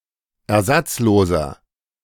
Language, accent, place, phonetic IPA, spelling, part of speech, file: German, Germany, Berlin, [ɛɐ̯ˈzat͡sˌloːzɐ], ersatzloser, adjective, De-ersatzloser.ogg
- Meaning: inflection of ersatzlos: 1. strong/mixed nominative masculine singular 2. strong genitive/dative feminine singular 3. strong genitive plural